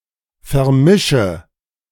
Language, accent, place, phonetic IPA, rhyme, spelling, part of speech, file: German, Germany, Berlin, [fɛɐ̯ˈmɪʃə], -ɪʃə, vermische, verb, De-vermische.ogg
- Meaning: inflection of vermischen: 1. first-person singular present 2. first/third-person singular subjunctive I 3. singular imperative